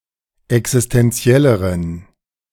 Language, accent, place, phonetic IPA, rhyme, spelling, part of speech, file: German, Germany, Berlin, [ɛksɪstɛnˈt͡si̯ɛləʁən], -ɛləʁən, existentielleren, adjective, De-existentielleren.ogg
- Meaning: inflection of existentiell: 1. strong genitive masculine/neuter singular comparative degree 2. weak/mixed genitive/dative all-gender singular comparative degree